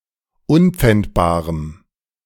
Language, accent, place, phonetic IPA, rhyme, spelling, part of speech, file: German, Germany, Berlin, [ˈʊnp͡fɛntbaːʁəm], -ɛntbaːʁəm, unpfändbarem, adjective, De-unpfändbarem.ogg
- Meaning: strong dative masculine/neuter singular of unpfändbar